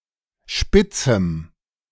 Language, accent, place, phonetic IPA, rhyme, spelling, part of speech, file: German, Germany, Berlin, [ˈʃpɪt͡sm̩], -ɪt͡sm̩, spitzem, adjective, De-spitzem.ogg
- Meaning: strong dative masculine/neuter singular of spitz